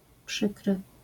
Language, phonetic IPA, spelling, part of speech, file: Polish, [ˈpʃɨkrɨ], przykry, adjective, LL-Q809 (pol)-przykry.wav